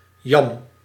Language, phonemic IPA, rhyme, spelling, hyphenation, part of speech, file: Dutch, /jɑm/, -ɑm, yam, yam, noun, Nl-yam.ogg
- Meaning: 1. yam, a tropical vine 2. its edible root